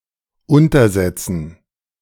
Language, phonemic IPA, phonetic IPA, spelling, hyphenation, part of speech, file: German, /ˈʊntɐˌzɛt͡sən/, [ˈʊntɐˌzɛt͡sn̩], untersetzen, un‧ter‧set‧zen, verb, De-untersetzen.ogg
- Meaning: to place underneath